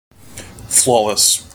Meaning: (adjective) Without flaws, defects, or shortcomings; perfect; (verb) To win a fight against (a player) without losing health
- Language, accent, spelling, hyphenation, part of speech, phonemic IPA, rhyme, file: English, US, flawless, flaw‧less, adjective / verb, /ˈflɔləs/, -ɔːləs, En-us-flawless.mp3